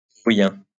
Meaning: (noun) Faroese, the Faroese language; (adjective) of the Faroe Islands; Faroese
- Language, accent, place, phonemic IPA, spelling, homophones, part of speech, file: French, France, Lyon, /fe.ʁɔ.jɛ̃/, féroïen, féroïens / Féroïen / Féroïens, noun / adjective, LL-Q150 (fra)-féroïen.wav